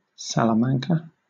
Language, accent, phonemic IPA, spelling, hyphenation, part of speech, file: English, Southern England, /ˌsæləˈmæŋkə/, Salamanca, Sa‧la‧man‧ca, proper noun, LL-Q1860 (eng)-Salamanca.wav
- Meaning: 1. A city in Castile and León, western Spain, capital of the province of Salamanca 2. A province in Castile and León 3. A barangay of Toboso, Negros Occidental, Philippines